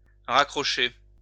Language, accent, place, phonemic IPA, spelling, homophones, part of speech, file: French, France, Lyon, /ʁa.kʁɔ.ʃe/, raccrocher, raccrochai / raccroché / raccrochée / raccrochées / raccrochés / raccrochez, verb, LL-Q150 (fra)-raccrocher.wav
- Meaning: 1. to hang again; to hang back up 2. to hang up (end a phone call) 3. to cling (to)